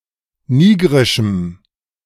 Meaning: strong dative masculine/neuter singular of nigrisch
- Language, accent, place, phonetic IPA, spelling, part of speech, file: German, Germany, Berlin, [ˈniːɡʁɪʃm̩], nigrischem, adjective, De-nigrischem.ogg